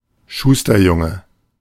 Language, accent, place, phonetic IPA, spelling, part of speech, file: German, Germany, Berlin, [ˈʃuːstɐˌjʊŋə], Schusterjunge, noun, De-Schusterjunge.ogg
- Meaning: 1. A cobbler's son, a shoemaker's son 2. A cobbler's apprentice, a shoemaker's apprentice 3. A rye bread roll, rye roll, rye bun 4. An orphan, an orphaned word, an orphaned line